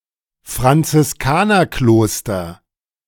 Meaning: Franciscan monastery
- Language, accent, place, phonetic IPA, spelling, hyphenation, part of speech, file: German, Germany, Berlin, [fʁant͡sɪsˈkaːnɐˌkloːstɐ], Franziskanerkloster, Fran‧zis‧ka‧ner‧klos‧ter, noun, De-Franziskanerkloster.ogg